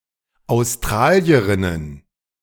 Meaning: plural of Australierin
- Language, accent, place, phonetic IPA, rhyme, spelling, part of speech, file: German, Germany, Berlin, [aʊ̯sˈtʁaːli̯əʁɪnən], -aːli̯əʁɪnən, Australierinnen, noun, De-Australierinnen.ogg